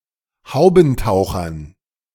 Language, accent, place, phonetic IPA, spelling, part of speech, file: German, Germany, Berlin, [ˈhaʊ̯bn̩ˌtaʊ̯xɐn], Haubentauchern, noun, De-Haubentauchern.ogg
- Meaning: dative plural of Haubentaucher